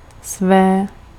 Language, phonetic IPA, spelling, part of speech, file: Czech, [ˈsvɛː], své, pronoun, Cs-své.ogg
- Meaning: inflection of svůj: 1. feminine genitive/dative/locative singular 2. neuter nominative/accusative/vocative singular 3. masculine accusative plural 4. inanimate masculine nominative/vocative plural